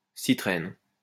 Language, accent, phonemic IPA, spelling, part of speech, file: French, France, /si.tʁɛn/, citrène, noun, LL-Q150 (fra)-citrène.wav
- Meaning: citrene